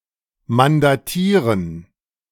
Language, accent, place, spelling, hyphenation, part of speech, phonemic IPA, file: German, Germany, Berlin, mandatieren, man‧da‧tie‧ren, verb, /mandaˈtiːrən/, De-mandatieren.ogg
- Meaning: 1. to enable to legally represent by proxy (Vollmacht) 2. to assign procuration (to conclude an Auftragsvertrag with) 3. to give power of attorney (to conclude an Anwaltsvertrag with)